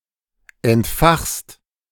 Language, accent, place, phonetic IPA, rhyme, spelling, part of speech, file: German, Germany, Berlin, [ɛntˈfaxst], -axst, entfachst, verb, De-entfachst.ogg
- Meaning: second-person singular present of entfachen